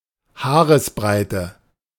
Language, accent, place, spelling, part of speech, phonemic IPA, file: German, Germany, Berlin, Haaresbreite, noun, /ˈhaːʁəsˌbʁaɪ̯tə/, De-Haaresbreite.ogg
- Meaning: hair's breadth; whisker (very small distance between two things)